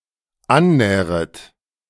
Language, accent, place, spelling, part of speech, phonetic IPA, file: German, Germany, Berlin, annähret, verb, [ˈanˌnɛːʁət], De-annähret.ogg
- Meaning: second-person plural dependent subjunctive I of annähern